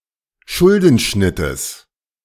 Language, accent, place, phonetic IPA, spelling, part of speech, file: German, Germany, Berlin, [ˈʃʊldn̩ˌʃnɪtəs], Schuldenschnittes, noun, De-Schuldenschnittes.ogg
- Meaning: genitive of Schuldenschnitt